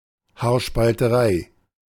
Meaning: hair-splitting
- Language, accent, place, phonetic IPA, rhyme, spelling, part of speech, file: German, Germany, Berlin, [haːɐ̯ʃpaltəˈʁaɪ̯], -aɪ̯, Haarspalterei, noun, De-Haarspalterei.ogg